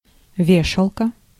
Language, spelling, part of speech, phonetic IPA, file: Russian, вешалка, noun, [ˈvʲeʂəɫkə], Ru-вешалка.ogg
- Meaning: 1. coat hanger, peg (device used to hang up coats, shirts, etc) 2. rack (for clothes) 3. tab (on clothes)